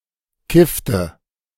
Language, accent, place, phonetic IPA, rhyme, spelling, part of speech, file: German, Germany, Berlin, [ˈkɪftə], -ɪftə, kiffte, verb, De-kiffte.ogg
- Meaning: inflection of kiffen: 1. first/third-person singular preterite 2. first/third-person singular subjunctive II